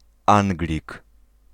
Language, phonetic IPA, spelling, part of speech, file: Polish, [ˈãŋɡlʲik], Anglik, noun, Pl-Anglik.ogg